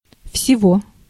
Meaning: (determiner) inflection of весь (vesʹ): 1. genitive masculine/neuter singular 2. animate accusative masculine singular; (pronoun) genitive of всё (vsjo, “everything”); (adverb) in total, in all
- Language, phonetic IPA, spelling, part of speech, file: Russian, [fsʲɪˈvo], всего, determiner / pronoun / adverb / adjective, Ru-всего.ogg